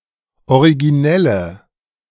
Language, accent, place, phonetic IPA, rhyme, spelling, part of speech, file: German, Germany, Berlin, [oʁiɡiˈnɛlə], -ɛlə, originelle, adjective, De-originelle.ogg
- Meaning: inflection of originell: 1. strong/mixed nominative/accusative feminine singular 2. strong nominative/accusative plural 3. weak nominative all-gender singular